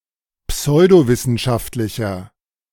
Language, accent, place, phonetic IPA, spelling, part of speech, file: German, Germany, Berlin, [ˈpsɔɪ̯doˌvɪsn̩ʃaftlɪçɐ], pseudowissenschaftlicher, adjective, De-pseudowissenschaftlicher.ogg
- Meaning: inflection of pseudowissenschaftlich: 1. strong/mixed nominative masculine singular 2. strong genitive/dative feminine singular 3. strong genitive plural